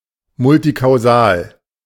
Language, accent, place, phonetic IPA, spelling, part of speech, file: German, Germany, Berlin, [ˈmʊltikaʊ̯ˌzaːl], multikausal, adjective, De-multikausal.ogg
- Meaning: multicausal